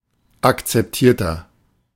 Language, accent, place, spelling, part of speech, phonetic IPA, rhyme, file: German, Germany, Berlin, akzeptierter, adjective, [akt͡sɛpˈtiːɐ̯tɐ], -iːɐ̯tɐ, De-akzeptierter.ogg
- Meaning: inflection of akzeptiert: 1. strong/mixed nominative masculine singular 2. strong genitive/dative feminine singular 3. strong genitive plural